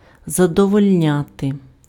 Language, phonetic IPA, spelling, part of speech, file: Ukrainian, [zɐdɔwɔlʲˈnʲate], задовольняти, verb, Uk-задовольняти.ogg
- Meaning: to satisfy, to gratify, to content